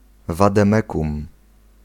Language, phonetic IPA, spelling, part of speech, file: Polish, [ˌvadɛ̃ˈmɛkũm], wademekum, noun, Pl-wademekum.ogg